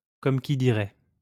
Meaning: so to speak, as it were, how shall I put it
- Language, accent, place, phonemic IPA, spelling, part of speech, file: French, France, Lyon, /kɔm ki di.ʁɛ/, comme qui dirait, adverb, LL-Q150 (fra)-comme qui dirait.wav